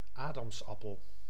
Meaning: Adam's apple, laryngeal prominence
- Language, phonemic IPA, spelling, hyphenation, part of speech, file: Dutch, /ˈaː.dɑmsˌɑ.pəl/, adamsappel, adams‧ap‧pel, noun, Nl-adamsappel.ogg